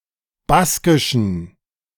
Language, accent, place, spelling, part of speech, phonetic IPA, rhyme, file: German, Germany, Berlin, baskischen, adjective, [ˈbaskɪʃn̩], -askɪʃn̩, De-baskischen.ogg
- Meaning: inflection of baskisch: 1. strong genitive masculine/neuter singular 2. weak/mixed genitive/dative all-gender singular 3. strong/weak/mixed accusative masculine singular 4. strong dative plural